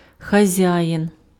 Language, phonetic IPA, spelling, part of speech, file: Ukrainian, [xɐˈzʲajin], хазяїн, noun, Uk-хазяїн.ogg
- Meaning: 1. owner, proprietor 2. boss, master, chief, principal, manager, employer, hirer 3. entrepreneur, capitalist 4. peasant farmer 5. landlord, head of household 6. man, husband 7. ruler 8. host, master